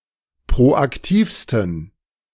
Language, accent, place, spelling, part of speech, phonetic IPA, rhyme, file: German, Germany, Berlin, proaktivsten, adjective, [pʁoʔakˈtiːfstn̩], -iːfstn̩, De-proaktivsten.ogg
- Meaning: 1. superlative degree of proaktiv 2. inflection of proaktiv: strong genitive masculine/neuter singular superlative degree